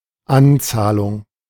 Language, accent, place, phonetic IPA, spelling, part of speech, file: German, Germany, Berlin, [ˈʔanˌtsaːlʊŋ], Anzahlung, noun, De-Anzahlung.ogg
- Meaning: deposit, down payment (portion of a price paid before service/delivery as a security for the provider)